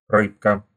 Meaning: diminutive of ры́ба (rýba): small fish, fishy
- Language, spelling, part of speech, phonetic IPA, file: Russian, рыбка, noun, [ˈrɨpkə], Ru-рыбка.ogg